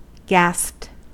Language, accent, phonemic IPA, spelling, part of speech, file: English, US, /ɡæspt/, gasped, verb, En-us-gasped.ogg
- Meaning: simple past and past participle of gasp